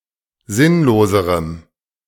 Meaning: strong dative masculine/neuter singular comparative degree of sinnlos
- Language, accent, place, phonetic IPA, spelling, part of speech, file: German, Germany, Berlin, [ˈzɪnloːzəʁəm], sinnloserem, adjective, De-sinnloserem.ogg